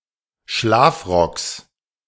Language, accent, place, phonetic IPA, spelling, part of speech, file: German, Germany, Berlin, [ˈʃlaːfˌʁɔks], Schlafrocks, noun, De-Schlafrocks.ogg
- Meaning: genitive singular of Schlafrock